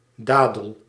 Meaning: 1. date (fruit) 2. date palm
- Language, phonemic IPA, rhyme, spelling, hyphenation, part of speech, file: Dutch, /ˈdaːdəl/, -aːdəl, dadel, da‧del, noun, Nl-dadel.ogg